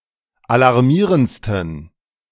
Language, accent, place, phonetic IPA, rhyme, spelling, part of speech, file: German, Germany, Berlin, [alaʁˈmiːʁənt͡stn̩], -iːʁənt͡stn̩, alarmierendsten, adjective, De-alarmierendsten.ogg
- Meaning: 1. superlative degree of alarmierend 2. inflection of alarmierend: strong genitive masculine/neuter singular superlative degree